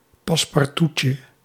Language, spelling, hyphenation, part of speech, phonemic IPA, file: Dutch, passe-partoutje, pas‧se-par‧tout‧je, noun, /pɑs.pɑrˈtu.tjə/, Nl-passe-partoutje.ogg
- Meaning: diminutive of passe-partout